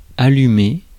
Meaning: 1. to light, to set alight (a candle, a fire, a cigar) 2. to turn on (the light, a lightbulb, the television, the heating) 3. to start, to turn on (electronic devices with screens)
- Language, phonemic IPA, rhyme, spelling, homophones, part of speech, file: French, /a.ly.me/, -e, allumer, allumai / allumé / allumée / allumées / allumés, verb, Fr-allumer.ogg